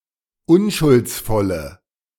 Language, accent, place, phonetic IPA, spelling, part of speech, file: German, Germany, Berlin, [ˈʊnʃʊlt͡sˌfɔlə], unschuldsvolle, adjective, De-unschuldsvolle.ogg
- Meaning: inflection of unschuldsvoll: 1. strong/mixed nominative/accusative feminine singular 2. strong nominative/accusative plural 3. weak nominative all-gender singular